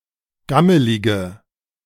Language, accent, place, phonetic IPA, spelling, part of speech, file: German, Germany, Berlin, [ˈɡaməlɪɡə], gammelige, adjective, De-gammelige.ogg
- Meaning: inflection of gammelig: 1. strong/mixed nominative/accusative feminine singular 2. strong nominative/accusative plural 3. weak nominative all-gender singular